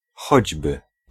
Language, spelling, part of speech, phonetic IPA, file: Polish, choćby, conjunction / particle, [ˈxɔd͡ʑbɨ], Pl-choćby.ogg